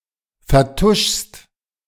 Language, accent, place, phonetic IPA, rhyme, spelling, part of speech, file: German, Germany, Berlin, [fɛɐ̯ˈtʊʃst], -ʊʃst, vertuschst, verb, De-vertuschst.ogg
- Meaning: second-person singular present of vertuschen